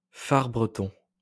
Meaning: far breton
- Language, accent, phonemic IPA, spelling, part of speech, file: French, France, /faʁ bʁə.tɔ̃/, far breton, noun, LL-Q150 (fra)-far breton.wav